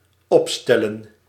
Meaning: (verb) 1. to arrange, line up 2. to formulate; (noun) plural of opstel
- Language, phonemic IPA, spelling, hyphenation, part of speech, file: Dutch, /ˈɔpˌstɛ.lə(n)/, opstellen, op‧stel‧len, verb / noun, Nl-opstellen.ogg